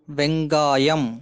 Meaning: onion (Allium cepa)
- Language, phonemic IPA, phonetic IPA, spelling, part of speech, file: Tamil, /ʋɛŋɡɑːjɐm/, [ʋe̞ŋɡäːjɐm], வெங்காயம், noun, Ta-வெங்காயம்.ogg